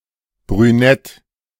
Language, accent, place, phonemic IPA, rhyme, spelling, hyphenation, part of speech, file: German, Germany, Berlin, /bʁyˈnɛt/, -ɛt, brünett, brü‧nett, adjective, De-brünett.ogg
- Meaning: brunette (of a woman having brown hair)